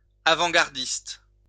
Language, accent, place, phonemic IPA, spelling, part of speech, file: French, France, Lyon, /a.vɑ̃.ɡaʁ.dist/, avant-gardiste, noun, LL-Q150 (fra)-avant-gardiste.wav
- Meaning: 1. avant-gardist (person in the avant-garde) 2. avant-gardist